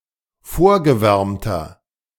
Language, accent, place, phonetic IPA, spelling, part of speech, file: German, Germany, Berlin, [ˈfoːɐ̯ɡəˌvɛʁmtɐ], vorgewärmter, adjective, De-vorgewärmter.ogg
- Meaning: inflection of vorgewärmt: 1. strong/mixed nominative masculine singular 2. strong genitive/dative feminine singular 3. strong genitive plural